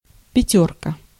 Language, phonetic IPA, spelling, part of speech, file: Russian, [pʲɪˈtʲɵrkə], пятёрка, noun, Ru-пятёрка.ogg
- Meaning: 1. five (out of five), excellent; A mark, A grade 2. the figure five written out 3. fiver